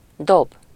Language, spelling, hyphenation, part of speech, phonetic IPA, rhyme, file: Hungarian, dob, dob, verb / noun, [ˈdob], -ob, Hu-dob.ogg
- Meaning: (verb) 1. to throw, to cast (to cause an object to move rapidly through the air) 2. to drop (to intentionally let fall, to release hold of) 3. to roll (to throw dice)